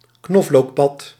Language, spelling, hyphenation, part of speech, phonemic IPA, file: Dutch, knoflookpad, knof‧look‧pad, noun, /ˈknɔf.loːkˌpɑt/, Nl-knoflookpad.ogg
- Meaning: common spadefoot, garlic toad (Pelobates fuscus)